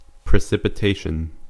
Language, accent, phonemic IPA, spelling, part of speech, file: English, US, /pɹɪˌsɪpɪˈteɪʃn̩/, precipitation, noun, En-us-precipitation.ogg